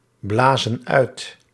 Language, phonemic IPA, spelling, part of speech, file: Dutch, /ˈblazə(n) ˈœyt/, blazen uit, verb, Nl-blazen uit.ogg
- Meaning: inflection of uitblazen: 1. plural present indicative 2. plural present subjunctive